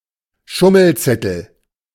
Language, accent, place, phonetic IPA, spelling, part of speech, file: German, Germany, Berlin, [ˈʃʊml̩ˌt͡sɛtl̩], Schummelzettel, noun, De-Schummelzettel.ogg
- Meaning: cheat sheet (a sheet of paper used to assist on a test)